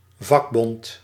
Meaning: trade union
- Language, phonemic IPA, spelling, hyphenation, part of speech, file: Dutch, /ˈvɑk.bɔnt/, vakbond, vak‧bond, noun, Nl-vakbond.ogg